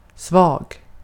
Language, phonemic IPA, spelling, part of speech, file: Swedish, /svɑːɡ/, svag, adjective, Sv-svag.ogg
- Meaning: 1. weak; lacking in force or ability 2. weak; dilute 3. weak; regular in inflection